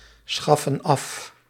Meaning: inflection of afschaffen: 1. plural present indicative 2. plural present subjunctive
- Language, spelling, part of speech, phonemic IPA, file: Dutch, schaffen af, verb, /ˈsxɑfə(n) ˈɑf/, Nl-schaffen af.ogg